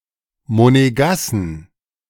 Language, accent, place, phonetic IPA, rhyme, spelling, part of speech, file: German, Germany, Berlin, [moneˈɡasn̩], -asn̩, Monegassen, noun, De-Monegassen.ogg
- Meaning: 1. genitive singular of Monegasse 2. plural of Monegasse